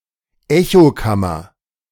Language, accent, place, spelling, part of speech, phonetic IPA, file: German, Germany, Berlin, Echokammer, noun, [ˈɛçoˌkamɐ], De-Echokammer.ogg
- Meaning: echo chamber